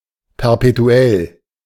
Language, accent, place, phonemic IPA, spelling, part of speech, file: German, Germany, Berlin, /pɛʁpeˈtu̯ɛl/, perpetuell, adjective, De-perpetuell.ogg
- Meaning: perpetual